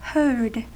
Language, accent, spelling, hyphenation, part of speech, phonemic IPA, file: English, General American, herd, herd, noun / verb, /hɝd/, En-us-herd.ogg
- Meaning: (noun) 1. A number of domestic animals assembled together under the watch or ownership of a keeper 2. Any collection of animals gathered or travelling in a company